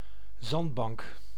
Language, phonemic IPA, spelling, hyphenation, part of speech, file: Dutch, /ˈzɑnt.bɑŋk/, zandbank, zand‧bank, noun, Nl-zandbank.ogg
- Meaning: sandbank, shoal